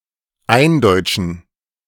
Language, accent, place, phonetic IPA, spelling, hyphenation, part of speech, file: German, Germany, Berlin, [ˈʔaɪnˌdɔʏtʃn̩], eindeutschen, ein‧deut‧schen, verb, De-eindeutschen.ogg
- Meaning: 1. to Germanize (to adapt to the German language and its orthography, phonology, and/or morphology) 2. to make (something) a part of Germany